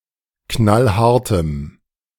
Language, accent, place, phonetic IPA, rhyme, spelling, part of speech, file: German, Germany, Berlin, [ˈknalˈhaʁtəm], -aʁtəm, knallhartem, adjective, De-knallhartem.ogg
- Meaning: strong dative masculine/neuter singular of knallhart